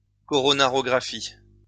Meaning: coronary catheterization
- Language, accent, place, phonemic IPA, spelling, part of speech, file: French, France, Lyon, /kɔ.ʁɔ.na.ʁɔ.ɡʁa.fi/, coronarographie, noun, LL-Q150 (fra)-coronarographie.wav